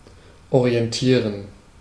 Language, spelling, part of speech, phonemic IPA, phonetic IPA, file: German, orientieren, verb, /oʁiɛnˈtiːʁən/, [ʔoʁiɛntʰiːɐ̯n], De-orientieren.ogg
- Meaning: to orient oneself; to orientate oneself (UK)